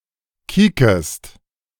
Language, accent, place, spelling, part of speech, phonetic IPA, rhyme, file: German, Germany, Berlin, kiekest, verb, [ˈkiːkəst], -iːkəst, De-kiekest.ogg
- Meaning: second-person singular subjunctive I of kieken